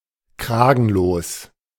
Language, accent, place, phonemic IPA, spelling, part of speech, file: German, Germany, Berlin, /ˈkʁaːɡn̩loːs/, kragenlos, adjective, De-kragenlos.ogg
- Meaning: collarless